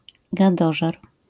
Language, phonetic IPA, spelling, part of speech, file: Polish, [ɡaˈdɔʒɛr], gadożer, noun, LL-Q809 (pol)-gadożer.wav